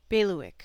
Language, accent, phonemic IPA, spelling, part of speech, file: English, US, /ˈbeɪ.lɪ.wɪk/, bailiwick, noun, En-us-bailiwick.ogg
- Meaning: 1. The district within which a bailie or bailiff has jurisdiction 2. A person's concern or sphere of operations, their area of skill or authority